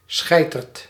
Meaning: coward, wuss
- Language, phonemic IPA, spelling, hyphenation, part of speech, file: Dutch, /ˈsxɛi̯.tərt/, schijterd, schij‧terd, noun, Nl-schijterd.ogg